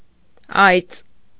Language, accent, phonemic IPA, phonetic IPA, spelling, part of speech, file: Armenian, Eastern Armenian, /ɑjt͡s/, [ɑjt͡s], այծ, noun, Hy-այծ.ogg
- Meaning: goat